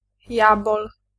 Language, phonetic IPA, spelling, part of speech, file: Polish, [ˈjabɔl], jabol, noun, Pl-jabol.ogg